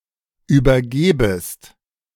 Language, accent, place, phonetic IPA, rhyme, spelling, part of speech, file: German, Germany, Berlin, [ˌyːbɐˈɡeːbəst], -eːbəst, übergebest, verb, De-übergebest.ogg
- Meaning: second-person singular subjunctive I of übergeben